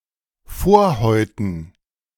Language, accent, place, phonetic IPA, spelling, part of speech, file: German, Germany, Berlin, [ˈfoːɐ̯hɔɪ̯tn̩], Vorhäuten, noun, De-Vorhäuten.ogg
- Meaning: dative plural of Vorhaut